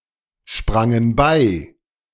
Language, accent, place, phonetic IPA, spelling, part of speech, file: German, Germany, Berlin, [ˌʃpʁaŋən ˈbaɪ̯], sprangen bei, verb, De-sprangen bei.ogg
- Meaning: first/third-person plural preterite of beispringen